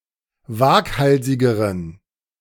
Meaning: inflection of waghalsig: 1. strong genitive masculine/neuter singular comparative degree 2. weak/mixed genitive/dative all-gender singular comparative degree
- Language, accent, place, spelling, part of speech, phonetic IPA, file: German, Germany, Berlin, waghalsigeren, adjective, [ˈvaːkˌhalzɪɡəʁən], De-waghalsigeren.ogg